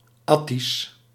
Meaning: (proper noun) Attic Greek; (adjective) Attic
- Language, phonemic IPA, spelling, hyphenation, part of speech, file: Dutch, /ˈɑ.tis/, Attisch, At‧tisch, proper noun / adjective, Nl-Attisch.ogg